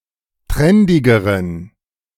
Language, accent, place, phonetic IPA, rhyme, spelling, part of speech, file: German, Germany, Berlin, [ˈtʁɛndɪɡəʁən], -ɛndɪɡəʁən, trendigeren, adjective, De-trendigeren.ogg
- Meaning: inflection of trendig: 1. strong genitive masculine/neuter singular comparative degree 2. weak/mixed genitive/dative all-gender singular comparative degree